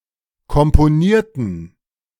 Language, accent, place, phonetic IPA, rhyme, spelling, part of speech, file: German, Germany, Berlin, [kɔmpoˈniːɐ̯tn̩], -iːɐ̯tn̩, komponierten, adjective / verb, De-komponierten.ogg
- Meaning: inflection of komponieren: 1. first/third-person plural preterite 2. first/third-person plural subjunctive II